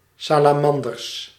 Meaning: plural of salamander
- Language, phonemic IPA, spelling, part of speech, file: Dutch, /ˌsalaˈmɑndərs/, salamanders, noun, Nl-salamanders.ogg